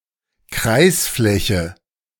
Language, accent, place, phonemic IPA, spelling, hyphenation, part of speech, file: German, Germany, Berlin, /ˈkraɪ̯sˌflɛçə/, Kreisfläche, Kreis‧flä‧che, noun, De-Kreisfläche.ogg
- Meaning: area of a circle